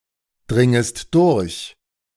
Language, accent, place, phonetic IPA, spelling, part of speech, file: German, Germany, Berlin, [ˌdʁɪŋəst ˈdʊʁç], dringest durch, verb, De-dringest durch.ogg
- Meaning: second-person singular subjunctive I of durchdringen